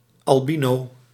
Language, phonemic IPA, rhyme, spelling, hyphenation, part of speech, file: Dutch, /ˌɑlˈbi.noː/, -inoː, albino, al‧bi‧no, noun / adjective, Nl-albino.ogg
- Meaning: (noun) albino: person or animal congenitally lacking melanin pigmentation in the skin, eyes, and hair or feathers (or more rarely only in the eyes); one afflicted with albinism